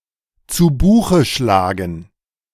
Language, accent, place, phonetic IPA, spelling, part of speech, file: German, Germany, Berlin, [ˈt͡suː ˈbuːxə ˈʃlaːɡŋ̍], zu Buche schlagen, phrase, De-zu Buche schlagen.ogg
- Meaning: to cost, to account for, to be accounted for, to be added to an account